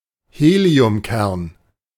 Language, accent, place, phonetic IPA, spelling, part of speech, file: German, Germany, Berlin, [ˈheːli̯ʊmˌkɛʁn], Heliumkern, noun, De-Heliumkern.ogg
- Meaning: helium nucleus